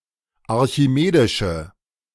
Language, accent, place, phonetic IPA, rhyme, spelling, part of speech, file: German, Germany, Berlin, [aʁçiˈmeːdɪʃə], -eːdɪʃə, archimedische, adjective, De-archimedische.ogg
- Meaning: inflection of archimedisch: 1. strong/mixed nominative/accusative feminine singular 2. strong nominative/accusative plural 3. weak nominative all-gender singular